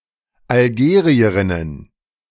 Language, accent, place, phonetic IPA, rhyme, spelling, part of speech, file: German, Germany, Berlin, [alˈɡeːʁiəʁɪnən], -eːʁiəʁɪnən, Algerierinnen, noun, De-Algerierinnen.ogg
- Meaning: plural of Algerierin